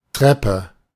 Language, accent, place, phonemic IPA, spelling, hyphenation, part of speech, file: German, Germany, Berlin, /ˈtʁɛpə/, Treppe, Trep‧pe, noun, De-Treppe.ogg
- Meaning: stairs